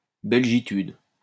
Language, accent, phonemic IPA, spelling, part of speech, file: French, France, /bɛl.ʒi.tyd/, belgitude, noun, LL-Q150 (fra)-belgitude.wav
- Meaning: the concept of Belgian national identity, formulated in a self-depreciating or humorous way